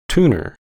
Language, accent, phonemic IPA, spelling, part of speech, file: English, US, /ˈtuː.nɚ/, tuner, noun, En-us-tuner.ogg
- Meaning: 1. A person who tunes a piano or organ 2. A device, electronic or mechanical, that helps a person tune a musical instrument by showing the deviation of the played pitch from the desired pitch